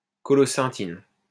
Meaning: colocynthin
- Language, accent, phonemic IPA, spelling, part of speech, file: French, France, /kɔ.lɔ.sɛ̃.tin/, colocynthine, noun, LL-Q150 (fra)-colocynthine.wav